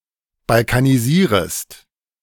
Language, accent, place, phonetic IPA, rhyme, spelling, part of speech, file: German, Germany, Berlin, [balkaniˈziːʁəst], -iːʁəst, balkanisierest, verb, De-balkanisierest.ogg
- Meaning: second-person singular subjunctive I of balkanisieren